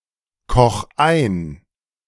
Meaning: 1. singular imperative of einkochen 2. first-person singular present of einkochen
- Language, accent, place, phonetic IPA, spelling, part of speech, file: German, Germany, Berlin, [ˌkɔx ˈaɪ̯n], koch ein, verb, De-koch ein.ogg